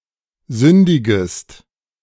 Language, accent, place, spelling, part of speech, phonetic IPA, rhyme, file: German, Germany, Berlin, sündigest, verb, [ˈzʏndɪɡəst], -ʏndɪɡəst, De-sündigest.ogg
- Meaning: second-person singular subjunctive I of sündigen